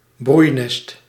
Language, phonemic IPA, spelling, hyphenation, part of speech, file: Dutch, /ˈbrui̯.nɛst/, broeinest, broei‧nest, noun, Nl-broeinest.ogg
- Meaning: 1. hotbed 2. place where a contaminative disease can fester 3. bird's nest, where birds are hatching eggs